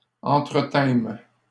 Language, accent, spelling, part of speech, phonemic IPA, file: French, Canada, entretînmes, verb, /ɑ̃.tʁə.tɛ̃m/, LL-Q150 (fra)-entretînmes.wav
- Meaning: first-person plural past historic of entretenir